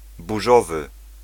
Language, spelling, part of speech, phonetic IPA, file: Polish, burzowy, adjective, [buˈʒɔvɨ], Pl-burzowy.ogg